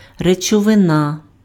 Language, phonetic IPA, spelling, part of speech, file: Ukrainian, [ret͡ʃɔʋeˈna], речовина, noun, Uk-речовина.ogg
- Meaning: substance, stuff